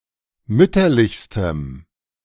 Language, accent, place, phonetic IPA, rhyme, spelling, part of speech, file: German, Germany, Berlin, [ˈmʏtɐlɪçstəm], -ʏtɐlɪçstəm, mütterlichstem, adjective, De-mütterlichstem.ogg
- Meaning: strong dative masculine/neuter singular superlative degree of mütterlich